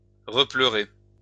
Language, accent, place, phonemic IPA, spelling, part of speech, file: French, France, Lyon, /ʁə.plœ.ʁe/, repleurer, verb, LL-Q150 (fra)-repleurer.wav
- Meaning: to cry, to weep again (after having previously cried)